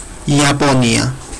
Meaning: Japan (a country in East Asia)
- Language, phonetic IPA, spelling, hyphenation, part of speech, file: Georgian, [iäpʼo̞niä], იაპონია, ია‧პო‧ნია, proper noun, Ka-iaponia.ogg